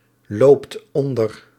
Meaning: inflection of onderlopen: 1. second/third-person singular present indicative 2. plural imperative
- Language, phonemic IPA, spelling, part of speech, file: Dutch, /ˈlopt ˈɔndər/, loopt onder, verb, Nl-loopt onder.ogg